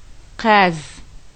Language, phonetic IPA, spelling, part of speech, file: Adyghe, [qaːz], къаз, noun, Qaːz.ogg
- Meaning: goose (Bird)